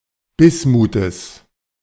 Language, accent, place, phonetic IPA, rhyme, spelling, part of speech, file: German, Germany, Berlin, [ˈbɪsmuːtəs], -ɪsmuːtəs, Bismutes, noun, De-Bismutes.ogg
- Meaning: genitive singular of Bismut